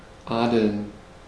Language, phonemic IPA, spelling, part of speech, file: German, /ˈaːdəln/, adeln, verb, De-adeln.ogg
- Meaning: to ennoble